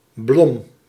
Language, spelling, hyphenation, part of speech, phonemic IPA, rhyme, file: Dutch, Blom, Blom, proper noun, /blɔm/, -ɔm, Nl-Blom.ogg
- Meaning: a surname